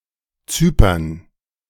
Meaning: alternative form of Zypern: Cyprus (an island and country in the Mediterranean Sea, normally considered politically part of Europe but geographically part of West Asia)
- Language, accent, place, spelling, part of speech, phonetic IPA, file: German, Germany, Berlin, Cypern, proper noun, [ˈt͡syːpɐn], De-Cypern.ogg